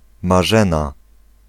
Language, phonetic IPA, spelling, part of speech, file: Polish, [maˈʒɛ̃na], Marzena, proper noun, Pl-Marzena.ogg